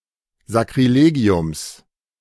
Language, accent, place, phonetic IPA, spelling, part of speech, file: German, Germany, Berlin, [zakʁiˈleːɡi̯ʊms], Sakrilegiums, noun, De-Sakrilegiums.ogg
- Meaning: genitive singular of Sakrilegium